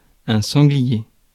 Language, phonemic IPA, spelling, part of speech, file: French, /sɑ̃.ɡli.je/, sanglier, noun, Fr-sanglier.ogg
- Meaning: wild boar (specifically, a full-grown wild boar)